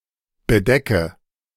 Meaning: inflection of bedecken: 1. first-person singular present 2. first/third-person singular subjunctive I 3. singular imperative
- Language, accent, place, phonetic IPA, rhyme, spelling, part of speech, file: German, Germany, Berlin, [bəˈdɛkə], -ɛkə, bedecke, verb, De-bedecke.ogg